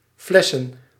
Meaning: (verb) 1. to scam, to con 2. to fail a test, to receive a failing grade; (noun) plural of fles
- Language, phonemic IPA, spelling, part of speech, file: Dutch, /ˈflɛsə(n)/, flessen, verb / noun, Nl-flessen.ogg